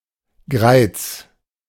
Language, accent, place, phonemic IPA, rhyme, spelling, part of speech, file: German, Germany, Berlin, /ɡʁaɪ̯t͡s/, -aɪ̯t͡s, Greiz, proper noun, De-Greiz.ogg
- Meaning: a town and rural district of Thuringia, Germany